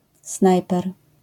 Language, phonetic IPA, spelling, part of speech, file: Polish, [ˈsnajpɛr], snajper, noun, LL-Q809 (pol)-snajper.wav